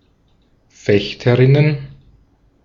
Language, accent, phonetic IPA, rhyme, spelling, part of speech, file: German, Austria, [ˈfɛçtəʁɪnən], -ɛçtəʁɪnən, Fechterinnen, noun, De-at-Fechterinnen.ogg
- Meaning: plural of Fechterin